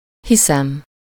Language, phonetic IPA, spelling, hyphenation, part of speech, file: Hungarian, [ˈhisɛm], hiszem, hi‧szem, verb / noun, Hu-hiszem.ogg
- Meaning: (verb) first-person singular indicative present definite of hisz; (noun) belief, impression, anticipation